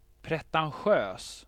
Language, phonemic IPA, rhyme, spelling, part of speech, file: Swedish, /prɛtanˈɧøːs/, -øːs, pretentiös, adjective, Sv-pretentiös.ogg
- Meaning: pretentious